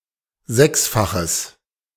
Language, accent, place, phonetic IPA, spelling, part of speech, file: German, Germany, Berlin, [ˈzɛksfaxəs], sechsfaches, adjective, De-sechsfaches.ogg
- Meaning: strong/mixed nominative/accusative neuter singular of sechsfach